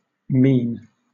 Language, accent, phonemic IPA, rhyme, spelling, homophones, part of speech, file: English, Southern England, /miːn/, -iːn, mien, mean / mesne, noun, LL-Q1860 (eng)-mien.wav
- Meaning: 1. Demeanor; facial expression or attitude, especially one which is intended by its bearer 2. A specific facial expression